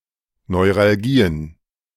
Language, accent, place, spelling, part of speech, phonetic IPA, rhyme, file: German, Germany, Berlin, Neuralgien, noun, [nɔɪ̯ʁalˈɡiːən], -iːən, De-Neuralgien.ogg
- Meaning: plural of Neuralgie